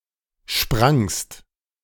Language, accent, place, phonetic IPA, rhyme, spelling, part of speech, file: German, Germany, Berlin, [ʃpʁaŋst], -aŋst, sprangst, verb, De-sprangst.ogg
- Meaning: second-person singular preterite of springen